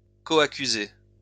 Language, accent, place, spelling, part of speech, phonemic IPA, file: French, France, Lyon, coaccusé, noun, /kɔ.a.ky.ze/, LL-Q150 (fra)-coaccusé.wav
- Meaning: co-defendant (co-accused person)